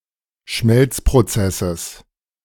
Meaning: genitive singular of Schmelzprozess
- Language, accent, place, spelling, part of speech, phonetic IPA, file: German, Germany, Berlin, Schmelzprozesses, noun, [ˈʃmɛlt͡spʁoˌt͡sɛsəs], De-Schmelzprozesses.ogg